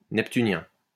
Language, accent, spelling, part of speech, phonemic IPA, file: French, France, neptunien, adjective, /nɛp.ty.njɛ̃/, LL-Q150 (fra)-neptunien.wav
- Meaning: Neptunian